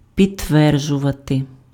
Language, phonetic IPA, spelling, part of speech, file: Ukrainian, [pʲidtˈʋɛrd͡ʒʊʋɐte], підтверджувати, verb, Uk-підтверджувати.ogg
- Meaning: to confirm, to corroborate, to bear out